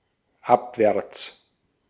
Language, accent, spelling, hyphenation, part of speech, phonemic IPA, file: German, Austria, abwärts, ab‧wärts, adverb, /ˈapvɛʁt͡s/, De-at-abwärts.ogg
- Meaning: 1. downwards, downhill 2. downstream